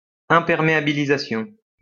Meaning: waterproofing
- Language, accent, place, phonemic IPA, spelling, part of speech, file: French, France, Lyon, /ɛ̃.pɛʁ.me.a.bi.li.za.sjɔ̃/, imperméabilisation, noun, LL-Q150 (fra)-imperméabilisation.wav